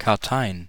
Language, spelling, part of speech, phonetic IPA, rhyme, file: German, Karteien, noun, [kaʁˈtaɪ̯ən], -aɪ̯ən, De-Karteien.ogg
- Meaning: plural of Kartei